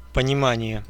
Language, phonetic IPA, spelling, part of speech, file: Russian, [pənʲɪˈmanʲɪje], понимание, noun, Ru-понимание.ogg
- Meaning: 1. comprehension, understanding 2. conception, sense, interpretation